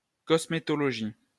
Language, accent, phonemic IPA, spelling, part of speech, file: French, France, /kɔs.me.tɔ.lɔ.ʒi/, cosmétologie, noun, LL-Q150 (fra)-cosmétologie.wav
- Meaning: cosmetology